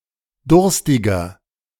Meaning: 1. comparative degree of durstig 2. inflection of durstig: strong/mixed nominative masculine singular 3. inflection of durstig: strong genitive/dative feminine singular
- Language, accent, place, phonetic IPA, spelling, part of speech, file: German, Germany, Berlin, [ˈdʊʁstɪɡɐ], durstiger, adjective, De-durstiger.ogg